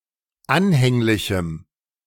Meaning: strong dative masculine/neuter singular of anhänglich
- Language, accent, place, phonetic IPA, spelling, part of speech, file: German, Germany, Berlin, [ˈanhɛŋlɪçm̩], anhänglichem, adjective, De-anhänglichem.ogg